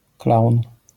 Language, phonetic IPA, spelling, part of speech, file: Polish, [klawn], klaun, noun, LL-Q809 (pol)-klaun.wav